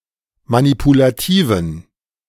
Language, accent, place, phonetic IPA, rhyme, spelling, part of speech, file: German, Germany, Berlin, [manipulaˈtiːvn̩], -iːvn̩, manipulativen, adjective, De-manipulativen.ogg
- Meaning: inflection of manipulativ: 1. strong genitive masculine/neuter singular 2. weak/mixed genitive/dative all-gender singular 3. strong/weak/mixed accusative masculine singular 4. strong dative plural